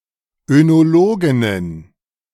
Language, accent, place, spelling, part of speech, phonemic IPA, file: German, Germany, Berlin, Önologinnen, noun, /ønoˈloːɡɪnən/, De-Önologinnen.ogg
- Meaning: plural of Önologin